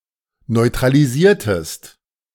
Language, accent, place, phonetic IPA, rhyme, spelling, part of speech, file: German, Germany, Berlin, [nɔɪ̯tʁaliˈziːɐ̯təst], -iːɐ̯təst, neutralisiertest, verb, De-neutralisiertest.ogg
- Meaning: inflection of neutralisieren: 1. second-person singular preterite 2. second-person singular subjunctive II